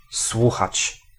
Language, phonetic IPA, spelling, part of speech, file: Polish, [ˈswuxat͡ɕ], słuchać, verb / pronoun, Pl-słuchać.ogg